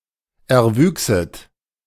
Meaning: second-person plural subjunctive II of erwachsen
- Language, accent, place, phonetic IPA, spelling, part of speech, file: German, Germany, Berlin, [ɛɐ̯ˈvyːksət], erwüchset, verb, De-erwüchset.ogg